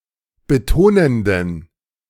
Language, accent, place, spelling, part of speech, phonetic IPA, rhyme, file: German, Germany, Berlin, betonenden, adjective, [bəˈtoːnəndn̩], -oːnəndn̩, De-betonenden.ogg
- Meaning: inflection of betonend: 1. strong genitive masculine/neuter singular 2. weak/mixed genitive/dative all-gender singular 3. strong/weak/mixed accusative masculine singular 4. strong dative plural